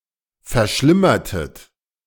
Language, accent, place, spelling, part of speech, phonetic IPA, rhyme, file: German, Germany, Berlin, verschlimmertet, verb, [fɛɐ̯ˈʃlɪmɐtət], -ɪmɐtət, De-verschlimmertet.ogg
- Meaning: inflection of verschlimmern: 1. second-person plural preterite 2. second-person plural subjunctive II